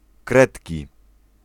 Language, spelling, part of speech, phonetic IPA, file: Polish, kredki, noun, [ˈkrɛtʲci], Pl-kredki.ogg